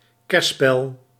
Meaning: Nativity play (drama depicting the Nativity story)
- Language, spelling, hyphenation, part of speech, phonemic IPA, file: Dutch, kerstspel, kerst‧spel, noun, /ˈkɛr(st).spɛl/, Nl-kerstspel.ogg